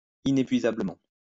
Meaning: inexhaustibly
- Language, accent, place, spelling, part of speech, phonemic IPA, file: French, France, Lyon, inépuisablement, adverb, /i.ne.pɥi.za.blə.mɑ̃/, LL-Q150 (fra)-inépuisablement.wav